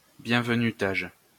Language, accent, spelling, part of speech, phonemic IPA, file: French, France, bienvenutage, noun, /bjɛ̃.v(ə).ny.taʒ/, LL-Q150 (fra)-bienvenutage.wav
- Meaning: welcoming a new user